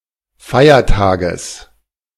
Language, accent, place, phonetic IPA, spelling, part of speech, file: German, Germany, Berlin, [ˈfaɪ̯ɐˌtaːɡəs], Feiertages, noun, De-Feiertages.ogg
- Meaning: genitive singular of Feiertag